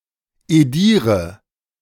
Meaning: inflection of edieren: 1. first-person singular present 2. first/third-person singular subjunctive I 3. singular imperative
- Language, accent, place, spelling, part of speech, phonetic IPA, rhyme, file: German, Germany, Berlin, ediere, verb, [eˈdiːʁə], -iːʁə, De-ediere.ogg